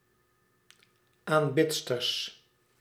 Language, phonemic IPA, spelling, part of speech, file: Dutch, /amˈbɪtstərs/, aanbidsters, noun, Nl-aanbidsters.ogg
- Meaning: plural of aanbidster